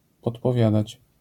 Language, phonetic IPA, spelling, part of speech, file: Polish, [ˌpɔtpɔˈvʲjadat͡ɕ], podpowiadać, verb, LL-Q809 (pol)-podpowiadać.wav